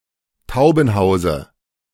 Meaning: dative of Taubenhaus
- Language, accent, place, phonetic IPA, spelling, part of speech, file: German, Germany, Berlin, [ˈtaʊ̯bn̩ˌhaʊ̯zə], Taubenhause, noun, De-Taubenhause.ogg